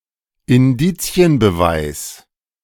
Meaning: circumstantial evidence
- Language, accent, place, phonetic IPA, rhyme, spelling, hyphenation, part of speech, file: German, Germany, Berlin, [ɪnˈdiːt͡si̯ənbəˌvaɪ̯s], -aɪ̯s, Indizienbeweis, In‧di‧zi‧en‧be‧weis, noun, De-Indizienbeweis.ogg